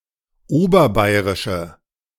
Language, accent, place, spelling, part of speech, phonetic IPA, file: German, Germany, Berlin, oberbayrische, adjective, [ˈoːbɐˌbaɪ̯ʁɪʃə], De-oberbayrische.ogg
- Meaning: inflection of oberbayrisch: 1. strong/mixed nominative/accusative feminine singular 2. strong nominative/accusative plural 3. weak nominative all-gender singular